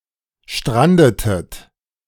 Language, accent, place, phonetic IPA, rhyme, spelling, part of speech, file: German, Germany, Berlin, [ˈʃtʁandətət], -andətət, strandetet, verb, De-strandetet.ogg
- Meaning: inflection of stranden: 1. second-person plural preterite 2. second-person plural subjunctive II